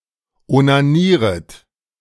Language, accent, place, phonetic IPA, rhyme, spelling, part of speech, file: German, Germany, Berlin, [onaˈniːʁət], -iːʁət, onanieret, verb, De-onanieret.ogg
- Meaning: second-person plural subjunctive I of onanieren